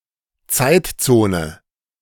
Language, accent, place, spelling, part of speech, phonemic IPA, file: German, Germany, Berlin, Zeitzone, noun, /ˈt͡saɪ̯tˌt͡soːnə/, De-Zeitzone.ogg
- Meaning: time zone